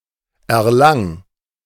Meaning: 1. singular imperative of erlangen 2. first-person singular present of erlangen
- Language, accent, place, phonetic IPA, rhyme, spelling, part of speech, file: German, Germany, Berlin, [ɛɐ̯ˈlaŋ], -aŋ, erlang, verb, De-erlang.ogg